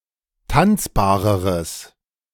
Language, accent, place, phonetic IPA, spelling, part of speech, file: German, Germany, Berlin, [ˈtant͡sbaːʁəʁəs], tanzbareres, adjective, De-tanzbareres.ogg
- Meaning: strong/mixed nominative/accusative neuter singular comparative degree of tanzbar